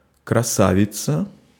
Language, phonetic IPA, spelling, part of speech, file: Russian, [krɐˈsavʲɪt͡sə], красавица, noun, Ru-красавица.ogg
- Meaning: 1. female equivalent of краса́вец (krasávec): beautiful woman, beauty 2. any beautiful object referred to with the feminine gender